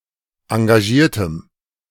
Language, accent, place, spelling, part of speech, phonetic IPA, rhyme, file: German, Germany, Berlin, engagiertem, adjective, [ɑ̃ɡaˈʒiːɐ̯təm], -iːɐ̯təm, De-engagiertem.ogg
- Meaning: strong dative masculine/neuter singular of engagiert